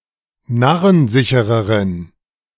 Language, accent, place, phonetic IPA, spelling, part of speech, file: German, Germany, Berlin, [ˈnaʁənˌzɪçəʁəʁən], narrensichereren, adjective, De-narrensichereren.ogg
- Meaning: inflection of narrensicher: 1. strong genitive masculine/neuter singular comparative degree 2. weak/mixed genitive/dative all-gender singular comparative degree